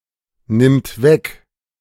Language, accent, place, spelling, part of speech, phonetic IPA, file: German, Germany, Berlin, nimmt weg, verb, [ˌnɪmt ˈvɛk], De-nimmt weg.ogg
- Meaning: third-person singular present of wegnehmen